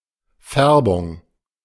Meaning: 1. tinge, hue 2. colouration, colouring
- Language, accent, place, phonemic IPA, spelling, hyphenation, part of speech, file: German, Germany, Berlin, /ˈfɛʁbʊŋ/, Färbung, Fär‧bung, noun, De-Färbung.ogg